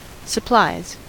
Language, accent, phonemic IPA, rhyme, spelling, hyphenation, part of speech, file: English, US, /səˈplaɪz/, -aɪz, supplies, sup‧plies, verb / noun, En-us-supplies.ogg
- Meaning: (verb) third-person singular simple present indicative of supply; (noun) 1. plural of supply 2. Financial resources supplied, often for a particular purpose